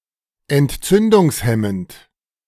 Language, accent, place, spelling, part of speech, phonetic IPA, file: German, Germany, Berlin, entzündungshemmend, adjective, [ɛntˈt͡sʏndʊŋsˌhɛmənt], De-entzündungshemmend.ogg
- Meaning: antiinflammatory